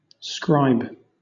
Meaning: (noun) Someone who writes; a draughtsperson; a writer for another; especially, an official or public writer; an amanuensis, secretary, notary, or copyist
- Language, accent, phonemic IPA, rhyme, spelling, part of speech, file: English, Southern England, /skɹaɪb/, -aɪb, scribe, noun / verb, LL-Q1860 (eng)-scribe.wav